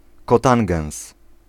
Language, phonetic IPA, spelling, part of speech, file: Polish, [kɔˈtãŋɡɛ̃w̃s], cotangens, noun, Pl-cotangens.ogg